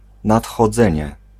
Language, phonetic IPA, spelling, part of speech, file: Polish, [ˌnatxɔˈd͡zɛ̃ɲɛ], nadchodzenie, noun, Pl-nadchodzenie.ogg